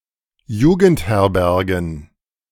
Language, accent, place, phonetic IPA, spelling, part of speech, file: German, Germany, Berlin, [ˈjuːɡn̩tˌhɛʁbɛʁɡn̩], Jugendherbergen, noun, De-Jugendherbergen.ogg
- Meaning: plural of Jugendherberge